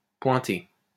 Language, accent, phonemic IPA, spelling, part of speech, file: French, France, /pwɛ̃.te/, pointé, verb / adjective, LL-Q150 (fra)-pointé.wav
- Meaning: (verb) past participle of pointer; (adjective) dotted (with a dot after, increasing the value of the duration by half of the basic note)